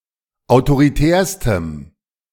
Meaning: strong dative masculine/neuter singular superlative degree of autoritär
- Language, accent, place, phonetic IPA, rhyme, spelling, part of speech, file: German, Germany, Berlin, [aʊ̯toʁiˈtɛːɐ̯stəm], -ɛːɐ̯stəm, autoritärstem, adjective, De-autoritärstem.ogg